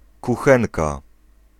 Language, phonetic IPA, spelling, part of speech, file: Polish, [kuˈxɛ̃nka], kuchenka, noun, Pl-kuchenka.ogg